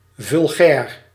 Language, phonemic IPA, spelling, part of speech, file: Dutch, /vʏlˈɣɛːr/, vulgair, adjective, Nl-vulgair.ogg
- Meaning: 1. vulgar, obscene 2. ordinary, banal